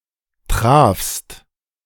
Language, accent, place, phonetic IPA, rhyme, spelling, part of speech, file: German, Germany, Berlin, [tʁaːfst], -aːfst, trafst, verb, De-trafst.ogg
- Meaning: second-person singular preterite of treffen